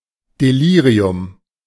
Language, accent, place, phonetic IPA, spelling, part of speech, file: German, Germany, Berlin, [deˈliːʁiʊm], Delirium, noun, De-Delirium.ogg
- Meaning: delirium